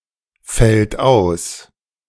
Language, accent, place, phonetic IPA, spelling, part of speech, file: German, Germany, Berlin, [ˌfɛlt ˈaʊ̯s], fällt aus, verb, De-fällt aus.ogg
- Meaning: third-person singular present of ausfallen